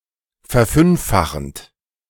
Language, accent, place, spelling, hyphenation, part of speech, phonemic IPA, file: German, Germany, Berlin, verfünffachend, ver‧fünf‧fa‧chend, verb, /fɛʁˈfʏnffaxənt/, De-verfünffachend.ogg
- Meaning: present participle of verfünffachen